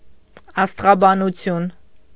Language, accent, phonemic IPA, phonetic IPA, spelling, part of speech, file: Armenian, Eastern Armenian, /ɑstʁɑbɑnuˈtʰjun/, [ɑstʁɑbɑnut͡sʰjún], աստղաբանություն, noun, Hy-աստղաբանություն.ogg
- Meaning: alternative form of աստեղաբանություն (asteġabanutʻyun)